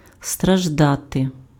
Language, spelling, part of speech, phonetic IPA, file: Ukrainian, страждати, verb, [strɐʒˈdate], Uk-страждати.ogg
- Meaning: to suffer